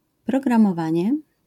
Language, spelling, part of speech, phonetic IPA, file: Polish, programowanie, noun, [ˌprɔɡrãmɔˈvãɲɛ], LL-Q809 (pol)-programowanie.wav